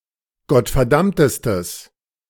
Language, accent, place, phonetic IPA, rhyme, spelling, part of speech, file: German, Germany, Berlin, [ɡɔtfɛɐ̯ˈdamtəstəs], -amtəstəs, gottverdammtestes, adjective, De-gottverdammtestes.ogg
- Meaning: strong/mixed nominative/accusative neuter singular superlative degree of gottverdammt